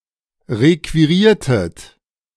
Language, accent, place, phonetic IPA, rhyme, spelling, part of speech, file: German, Germany, Berlin, [ˌʁekviˈʁiːɐ̯tət], -iːɐ̯tət, requiriertet, verb, De-requiriertet.ogg
- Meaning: inflection of requirieren: 1. second-person plural preterite 2. second-person plural subjunctive II